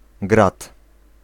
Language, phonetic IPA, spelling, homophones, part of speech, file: Polish, [ɡrat], grat, grad, noun, Pl-grat.ogg